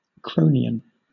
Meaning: 1. Saturnian; applied to the Arctic Ocean 2. Related to the planet Saturn 3. Related to Saturn (the god)
- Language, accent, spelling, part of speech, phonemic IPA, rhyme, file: English, Southern England, Cronian, adjective, /ˈkɹəʊ.ni.ən/, -əʊniən, LL-Q1860 (eng)-Cronian.wav